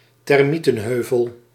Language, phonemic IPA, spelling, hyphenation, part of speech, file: Dutch, /tɛrˈmi.tə(n)ˌɦøː.vəl/, termietenheuvel, ter‧mie‧ten‧heu‧vel, noun, Nl-termietenheuvel.ogg
- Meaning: termite mound